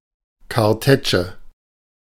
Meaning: 1. canister shot, grapeshot (form of cartridge to spread hailshot bypassing its thin wall) 2. synonym of Reibebrett
- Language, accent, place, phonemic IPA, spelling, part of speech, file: German, Germany, Berlin, /karˈtɛːt͡ʃə/, Kartätsche, noun, De-Kartätsche.ogg